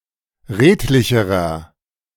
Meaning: inflection of redlich: 1. strong/mixed nominative masculine singular comparative degree 2. strong genitive/dative feminine singular comparative degree 3. strong genitive plural comparative degree
- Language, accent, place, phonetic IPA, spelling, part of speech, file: German, Germany, Berlin, [ˈʁeːtlɪçəʁɐ], redlicherer, adjective, De-redlicherer.ogg